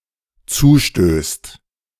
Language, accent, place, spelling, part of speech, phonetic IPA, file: German, Germany, Berlin, zustößt, verb, [ˈt͡suːˌʃtøːst], De-zustößt.ogg
- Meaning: second/third-person singular dependent present of zustoßen